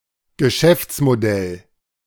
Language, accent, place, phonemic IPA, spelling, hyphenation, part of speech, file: German, Germany, Berlin, /ɡəˈʃɛft͡smoˌdɛl/, Geschäftsmodell, Ge‧schäfts‧mo‧dell, noun, De-Geschäftsmodell.ogg
- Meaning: business model